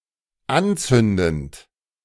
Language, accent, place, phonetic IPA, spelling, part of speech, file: German, Germany, Berlin, [ˈanˌt͡sʏndn̩t], anzündend, verb, De-anzündend.ogg
- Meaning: present participle of anzünden